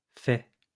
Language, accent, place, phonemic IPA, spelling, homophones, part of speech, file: French, France, Lyon, /fɛ/, faix, fais / fait, noun, LL-Q150 (fra)-faix.wav
- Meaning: burden, heavy load